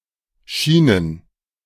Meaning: plural of Schiene
- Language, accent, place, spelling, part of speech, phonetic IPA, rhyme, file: German, Germany, Berlin, Schienen, noun, [ˈʃiːnən], -iːnən, De-Schienen.ogg